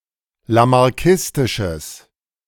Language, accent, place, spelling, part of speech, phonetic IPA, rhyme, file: German, Germany, Berlin, lamarckistisches, adjective, [lamaʁˈkɪstɪʃəs], -ɪstɪʃəs, De-lamarckistisches.ogg
- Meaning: strong/mixed nominative/accusative neuter singular of lamarckistisch